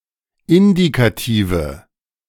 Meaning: nominative/accusative/genitive plural of Indikativ
- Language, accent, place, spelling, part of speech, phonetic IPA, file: German, Germany, Berlin, Indikative, noun, [ˈɪndikatiːvə], De-Indikative.ogg